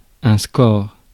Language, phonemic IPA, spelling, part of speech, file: French, /skɔʁ/, score, noun, Fr-score.ogg
- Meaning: score (in a sport, game)